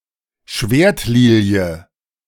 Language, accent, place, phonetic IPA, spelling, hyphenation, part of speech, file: German, Germany, Berlin, [ˈʃveːɐ̯tˌliːli̯ə], Schwertlilie, Schwert‧li‧lie, noun, De-Schwertlilie.ogg
- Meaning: iris